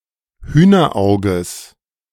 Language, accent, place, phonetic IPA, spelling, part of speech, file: German, Germany, Berlin, [ˈhyːnɐˌʔaʊ̯ɡəs], Hühnerauges, noun, De-Hühnerauges.ogg
- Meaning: genitive singular of Hühnerauge